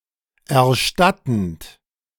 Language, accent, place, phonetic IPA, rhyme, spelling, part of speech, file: German, Germany, Berlin, [ɛɐ̯ˈʃtatn̩t], -atn̩t, erstattend, verb, De-erstattend.ogg
- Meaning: present participle of erstatten